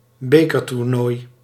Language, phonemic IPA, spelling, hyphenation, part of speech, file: Dutch, /ˈbeː.kər.turˌnoːi̯/, bekertoernooi, be‧ker‧toer‧nooi, noun, Nl-bekertoernooi.ogg
- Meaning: cup (tournament)